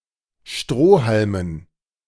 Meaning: dative plural of Strohhalm
- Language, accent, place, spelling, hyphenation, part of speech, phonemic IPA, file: German, Germany, Berlin, Strohhalmen, Stroh‧hal‧men, noun, /ˈʃtʁoː.hal.mən/, De-Strohhalmen.ogg